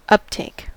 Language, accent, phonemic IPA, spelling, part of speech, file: English, US, /ˈʌpteɪk/, uptake, noun, En-us-uptake.ogg
- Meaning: 1. Understanding; comprehension 2. Absorption, especially of food or nutrient by an organism 3. The act of lifting or taking up 4. A chimney